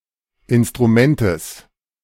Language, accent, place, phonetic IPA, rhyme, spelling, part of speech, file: German, Germany, Berlin, [ˌɪnstʁuˈmɛntəs], -ɛntəs, Instrumentes, noun, De-Instrumentes.ogg
- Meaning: genitive singular of Instrument